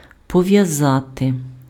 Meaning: 1. to tie, to bind 2. to connect, to link
- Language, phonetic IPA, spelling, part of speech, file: Ukrainian, [pɔʋjɐˈzate], пов'язати, verb, Uk-пов'язати.ogg